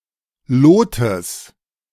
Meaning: genitive singular of Lot
- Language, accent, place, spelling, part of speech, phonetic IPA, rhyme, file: German, Germany, Berlin, Lotes, noun, [ˈloːtəs], -oːtəs, De-Lotes.ogg